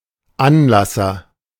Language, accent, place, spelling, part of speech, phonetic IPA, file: German, Germany, Berlin, Anlasser, noun, [ˈanˌlasɐ], De-Anlasser.ogg
- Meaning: starter, ignition